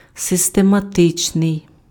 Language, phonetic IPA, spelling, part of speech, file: Ukrainian, [sestemɐˈtɪt͡ʃnei̯], систематичний, adjective, Uk-систематичний.ogg
- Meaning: systematic